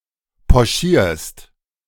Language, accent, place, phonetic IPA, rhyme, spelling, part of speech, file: German, Germany, Berlin, [pɔˈʃiːɐ̯st], -iːɐ̯st, pochierst, verb, De-pochierst.ogg
- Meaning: second-person singular present of pochieren